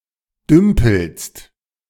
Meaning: second-person singular present of dümpeln
- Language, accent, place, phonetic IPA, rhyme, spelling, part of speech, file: German, Germany, Berlin, [ˈdʏmpl̩st], -ʏmpl̩st, dümpelst, verb, De-dümpelst.ogg